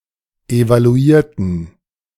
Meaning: inflection of evaluieren: 1. first/third-person plural preterite 2. first/third-person plural subjunctive II
- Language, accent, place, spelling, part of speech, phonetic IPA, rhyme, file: German, Germany, Berlin, evaluierten, adjective / verb, [evaluˈiːɐ̯tn̩], -iːɐ̯tn̩, De-evaluierten.ogg